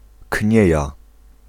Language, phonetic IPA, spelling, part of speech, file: Polish, [ˈcɲɛ̇ja], knieja, noun, Pl-knieja.ogg